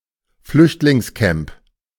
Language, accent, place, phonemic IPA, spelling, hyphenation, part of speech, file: German, Germany, Berlin, /ˈflʏçtlɪŋsˌkɛmp/, Flüchtlingscamp, Flücht‧lings‧camp, noun, De-Flüchtlingscamp.ogg
- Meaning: refugee camp